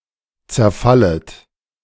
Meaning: second-person plural subjunctive I of zerfallen
- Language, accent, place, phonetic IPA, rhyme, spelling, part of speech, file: German, Germany, Berlin, [t͡sɛɐ̯ˈfalət], -alət, zerfallet, verb, De-zerfallet.ogg